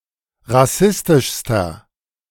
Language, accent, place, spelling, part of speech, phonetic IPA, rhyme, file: German, Germany, Berlin, rassistischster, adjective, [ʁaˈsɪstɪʃstɐ], -ɪstɪʃstɐ, De-rassistischster.ogg
- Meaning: inflection of rassistisch: 1. strong/mixed nominative masculine singular superlative degree 2. strong genitive/dative feminine singular superlative degree 3. strong genitive plural superlative degree